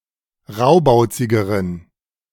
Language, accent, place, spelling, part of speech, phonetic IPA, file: German, Germany, Berlin, raubauzigeren, adjective, [ˈʁaʊ̯baʊ̯t͡sɪɡəʁən], De-raubauzigeren.ogg
- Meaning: inflection of raubauzig: 1. strong genitive masculine/neuter singular comparative degree 2. weak/mixed genitive/dative all-gender singular comparative degree